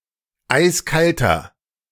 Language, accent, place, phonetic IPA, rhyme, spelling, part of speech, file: German, Germany, Berlin, [ˈaɪ̯sˈkaltɐ], -altɐ, eiskalter, adjective, De-eiskalter.ogg
- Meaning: inflection of eiskalt: 1. strong/mixed nominative masculine singular 2. strong genitive/dative feminine singular 3. strong genitive plural